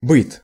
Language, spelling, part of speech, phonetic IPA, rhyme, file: Russian, быт, noun, [bɨt], -ɨt, Ru-быт.ogg
- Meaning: everyday life at home